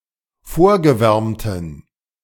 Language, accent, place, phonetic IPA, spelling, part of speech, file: German, Germany, Berlin, [ˈfoːɐ̯ɡəˌvɛʁmtn̩], vorgewärmten, adjective, De-vorgewärmten.ogg
- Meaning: inflection of vorgewärmt: 1. strong genitive masculine/neuter singular 2. weak/mixed genitive/dative all-gender singular 3. strong/weak/mixed accusative masculine singular 4. strong dative plural